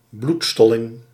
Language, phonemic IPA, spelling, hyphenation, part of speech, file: Dutch, /ˈblutˌstɔ.lɪŋ/, bloedstolling, bloed‧stol‧ling, noun, Nl-bloedstolling.ogg
- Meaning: clotting, coagulation of blood